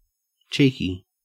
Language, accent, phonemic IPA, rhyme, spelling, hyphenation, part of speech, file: English, Australia, /ˈt͡ʃiːki/, -iːki, cheeky, chee‧ky, adjective, En-au-cheeky.ogg
- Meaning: 1. Impudent; impertinent; impertinently bold, often in a way that is regarded as endearing or amusing 2. Tending to expose the cheeks of the buttocks